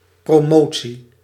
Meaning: promotion
- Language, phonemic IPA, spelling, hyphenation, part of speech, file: Dutch, /proˈmotsi/, promotie, pro‧mo‧tie, noun, Nl-promotie.ogg